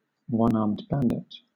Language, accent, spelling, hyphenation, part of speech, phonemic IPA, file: English, Southern England, one-armed bandit, one-armed ban‧dit, noun, /ˌwʌnɑːmd ˈbændɪt/, LL-Q1860 (eng)-one-armed bandit.wav
- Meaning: A gaming machine having a long arm-like handle at one side that a player pulls down to make reels spin; the player wins money or tokens when certain combinations of symbols line up on these reels